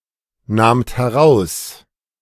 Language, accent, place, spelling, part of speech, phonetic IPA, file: German, Germany, Berlin, nahmt heraus, verb, [ˌnaːmt hɛˈʁaʊ̯s], De-nahmt heraus.ogg
- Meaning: second-person plural preterite of herausnehmen